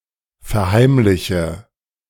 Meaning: inflection of verheimlichen: 1. first-person singular present 2. first/third-person singular subjunctive I 3. singular imperative
- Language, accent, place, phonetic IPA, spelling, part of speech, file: German, Germany, Berlin, [fɛɐ̯ˈhaɪ̯mlɪçə], verheimliche, verb, De-verheimliche.ogg